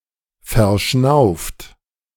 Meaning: 1. past participle of verschnaufen 2. inflection of verschnaufen: third-person singular present 3. inflection of verschnaufen: second-person plural present
- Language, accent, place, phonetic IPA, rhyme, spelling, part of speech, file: German, Germany, Berlin, [fɛɐ̯ˈʃnaʊ̯ft], -aʊ̯ft, verschnauft, verb, De-verschnauft.ogg